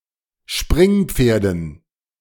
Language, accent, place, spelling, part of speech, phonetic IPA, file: German, Germany, Berlin, Springpferden, noun, [ˈʃpʁɪŋˌp͡feːɐ̯dn̩], De-Springpferden.ogg
- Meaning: dative plural of Springpferd